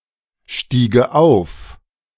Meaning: first/third-person singular subjunctive II of aufsteigen
- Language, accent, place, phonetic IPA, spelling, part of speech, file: German, Germany, Berlin, [ˌʃtiːɡə ˈaʊ̯f], stiege auf, verb, De-stiege auf.ogg